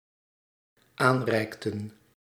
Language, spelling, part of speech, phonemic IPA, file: Dutch, aanreikten, verb, /ˈanrɛiktə(n)/, Nl-aanreikten.ogg
- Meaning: inflection of aanreiken: 1. plural dependent-clause past indicative 2. plural dependent-clause past subjunctive